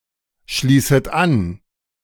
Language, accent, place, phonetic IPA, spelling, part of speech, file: German, Germany, Berlin, [ˌʃliːsət ˈan], schließet an, verb, De-schließet an.ogg
- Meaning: second-person plural subjunctive I of anschließen